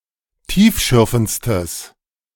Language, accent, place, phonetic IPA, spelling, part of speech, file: German, Germany, Berlin, [ˈtiːfˌʃʏʁfn̩t͡stəs], tiefschürfendstes, adjective, De-tiefschürfendstes.ogg
- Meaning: strong/mixed nominative/accusative neuter singular superlative degree of tiefschürfend